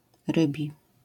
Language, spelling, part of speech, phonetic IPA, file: Polish, rybi, adjective, [ˈrɨbʲi], LL-Q809 (pol)-rybi.wav